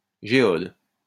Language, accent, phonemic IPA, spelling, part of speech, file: French, France, /ʒe.ɔd/, géode, noun, LL-Q150 (fra)-géode.wav
- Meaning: geode